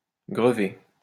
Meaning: 1. to burden; put a burden on 2. to put a weight on (someone's shoulders) 3. to hang over; weigh heavy over
- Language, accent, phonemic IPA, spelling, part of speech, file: French, France, /ɡʁə.ve/, grever, verb, LL-Q150 (fra)-grever.wav